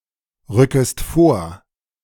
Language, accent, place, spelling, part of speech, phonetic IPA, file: German, Germany, Berlin, rückest vor, verb, [ˌʁʏkəst ˈfoːɐ̯], De-rückest vor.ogg
- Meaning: second-person singular subjunctive I of vorrücken